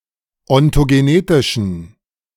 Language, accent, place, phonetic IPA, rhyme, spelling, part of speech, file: German, Germany, Berlin, [ɔntoɡeˈneːtɪʃn̩], -eːtɪʃn̩, ontogenetischen, adjective, De-ontogenetischen.ogg
- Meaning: inflection of ontogenetisch: 1. strong genitive masculine/neuter singular 2. weak/mixed genitive/dative all-gender singular 3. strong/weak/mixed accusative masculine singular 4. strong dative plural